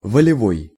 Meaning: 1. volitional 2. strong-willed, resolute, determined 3. authoritarian
- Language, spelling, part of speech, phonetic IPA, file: Russian, волевой, adjective, [vəlʲɪˈvoj], Ru-волевой.ogg